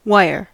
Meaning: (noun) 1. Metal formed into a thin, even thread, now usually by being drawn through a hole in a steel die 2. A piece of such material; a thread or slender rod of metal, a cable
- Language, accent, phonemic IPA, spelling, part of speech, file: English, US, /ˈwaɪɚ/, wire, noun / verb, En-us-wire.ogg